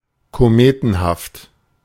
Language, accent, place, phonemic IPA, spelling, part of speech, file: German, Germany, Berlin, /koˈmeːtn̩ˌhaft/, kometenhaft, adjective, De-kometenhaft.ogg
- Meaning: meteoric (rapidly rising)